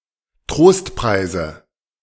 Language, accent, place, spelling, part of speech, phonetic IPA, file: German, Germany, Berlin, Trostpreise, noun, [ˈtʁoːstˌpʁaɪ̯zə], De-Trostpreise.ogg
- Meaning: nominative/accusative/genitive plural of Trostpreis